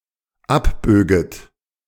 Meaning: second-person plural dependent subjunctive II of abbiegen
- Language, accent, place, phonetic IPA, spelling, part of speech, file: German, Germany, Berlin, [ˈapˌbøːɡət], abböget, verb, De-abböget.ogg